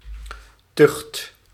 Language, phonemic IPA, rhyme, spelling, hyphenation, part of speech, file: Dutch, /tʏxt/, -ʏxt, tucht, tucht, noun, Nl-tucht.ogg
- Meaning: 1. discipline, a regime entailing strict supervision and/or punishment 2. punishment, discipline 3. the institutionalised enforcement of rules and norms within a professional group 4. self-discipline